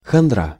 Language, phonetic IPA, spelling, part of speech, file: Russian, [xɐnˈdra], хандра, noun, Ru-хандра.ogg
- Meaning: melancholy, blues